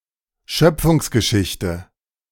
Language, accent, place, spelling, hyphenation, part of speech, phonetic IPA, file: German, Germany, Berlin, Schöpfungsgeschichte, Schöp‧fungs‧ge‧schich‧te, noun, [ˈʃœpfʊŋsɡəˌʃɪçtə], De-Schöpfungsgeschichte.ogg
- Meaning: creation narrative